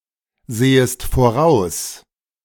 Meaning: second-person singular subjunctive I of voraussehen
- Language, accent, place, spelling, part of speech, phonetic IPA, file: German, Germany, Berlin, sehest voraus, verb, [ˌzeːəst foˈʁaʊ̯s], De-sehest voraus.ogg